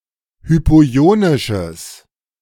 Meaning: strong/mixed nominative/accusative neuter singular of hypoionisch
- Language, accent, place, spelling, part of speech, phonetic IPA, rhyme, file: German, Germany, Berlin, hypoionisches, adjective, [ˌhypoˈi̯oːnɪʃəs], -oːnɪʃəs, De-hypoionisches.ogg